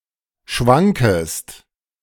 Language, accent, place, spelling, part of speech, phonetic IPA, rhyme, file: German, Germany, Berlin, schwankest, verb, [ˈʃvaŋkəst], -aŋkəst, De-schwankest.ogg
- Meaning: second-person singular subjunctive I of schwanken